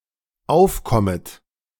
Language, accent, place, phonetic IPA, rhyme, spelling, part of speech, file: German, Germany, Berlin, [ˈaʊ̯fˌkɔmət], -aʊ̯fkɔmət, aufkommet, verb, De-aufkommet.ogg
- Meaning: second-person plural dependent subjunctive I of aufkommen